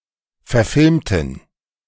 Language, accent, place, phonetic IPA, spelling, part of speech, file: German, Germany, Berlin, [fɛɐ̯ˈfɪlmtn̩], verfilmten, adjective / verb, De-verfilmten.ogg
- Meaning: inflection of verfilmen: 1. first/third-person plural preterite 2. first/third-person plural subjunctive II